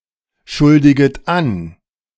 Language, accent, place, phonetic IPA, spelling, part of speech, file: German, Germany, Berlin, [ˌʃʊldɪɡət ˈan], schuldiget an, verb, De-schuldiget an.ogg
- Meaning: second-person plural subjunctive I of anschuldigen